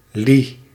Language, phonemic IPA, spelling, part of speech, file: Dutch, /li/, li, noun, Nl-li.ogg
- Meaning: li (Chinese unit of distance)